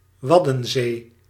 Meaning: the Wadden Sea: a marginal sea stretching from the northern Netherlands to southwestern Denmark
- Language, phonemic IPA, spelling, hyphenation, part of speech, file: Dutch, /ˈʋɑ.də(n)ˌzeː/, Waddenzee, Wad‧den‧zee, proper noun, Nl-Waddenzee.ogg